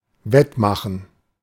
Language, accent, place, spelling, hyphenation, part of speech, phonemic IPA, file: German, Germany, Berlin, wettmachen, wett‧ma‧chen, verb, /ˈvɛtˌmaχn̩/, De-wettmachen.ogg
- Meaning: to make up for, to make good